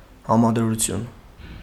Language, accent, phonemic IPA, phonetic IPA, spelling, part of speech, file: Armenian, Eastern Armenian, /hɑmɑd(ə)ɾuˈtʰjun/, [hɑmɑd(ə)ɾut͡sʰjún], համադրություն, noun, Hy-համադրություն.ogg
- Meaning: 1. juxtaposition; comparison 2. synthesis